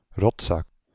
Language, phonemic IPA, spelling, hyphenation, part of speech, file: Dutch, /ˈrɔt.sɑk/, rotzak, rot‧zak, noun, Nl-rotzak.ogg
- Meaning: 1. scumbag, fiend 2. Eurasian jay (Garrulus glandarius) 3. Frenchman, Walloon